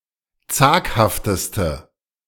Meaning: inflection of zaghaft: 1. strong/mixed nominative/accusative feminine singular superlative degree 2. strong nominative/accusative plural superlative degree
- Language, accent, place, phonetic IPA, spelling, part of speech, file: German, Germany, Berlin, [ˈt͡saːkhaftəstə], zaghafteste, adjective, De-zaghafteste.ogg